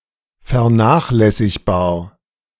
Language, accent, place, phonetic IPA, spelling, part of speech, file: German, Germany, Berlin, [fɛɐ̯ˈnaːxlɛsɪçbaːɐ̯], vernachlässigbar, adjective, De-vernachlässigbar.ogg
- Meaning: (adjective) ignorable, negligible; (adverb) ignorably, negligibly